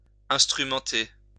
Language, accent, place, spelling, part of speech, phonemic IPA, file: French, France, Lyon, instrumenter, verb, /ɛ̃s.tʁy.mɑ̃.te/, LL-Q150 (fra)-instrumenter.wav
- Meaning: 1. to instrument, draw up 2. to orchestrate